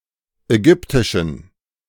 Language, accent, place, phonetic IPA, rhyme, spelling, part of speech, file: German, Germany, Berlin, [ɛˈɡʏptɪʃn̩], -ʏptɪʃn̩, Ägyptischen, noun, De-Ägyptischen.ogg
- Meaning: genitive singular of Ägyptisch